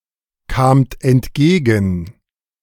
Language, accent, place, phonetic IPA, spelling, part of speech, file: German, Germany, Berlin, [ˌkaːmt ɛntˈɡeːɡn̩], kamt entgegen, verb, De-kamt entgegen.ogg
- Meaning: second-person plural preterite of entgegenkommen